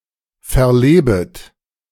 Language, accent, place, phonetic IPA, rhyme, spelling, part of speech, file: German, Germany, Berlin, [fɛɐ̯ˈleːbət], -eːbət, verlebet, verb, De-verlebet.ogg
- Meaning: second-person plural subjunctive I of verleben